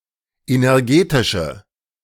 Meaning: inflection of energetisch: 1. strong/mixed nominative/accusative feminine singular 2. strong nominative/accusative plural 3. weak nominative all-gender singular
- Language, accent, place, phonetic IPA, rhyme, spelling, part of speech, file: German, Germany, Berlin, [ˌenɛʁˈɡeːtɪʃə], -eːtɪʃə, energetische, adjective, De-energetische.ogg